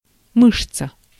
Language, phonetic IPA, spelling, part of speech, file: Russian, [ˈmɨʂt͡sə], мышца, noun, Ru-мышца.ogg
- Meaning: muscle